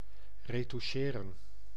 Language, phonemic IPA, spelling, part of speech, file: Dutch, /rətuˈʃeːrə(n)/, retoucheren, verb, Nl-retoucheren.ogg
- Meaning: to retouch, touch up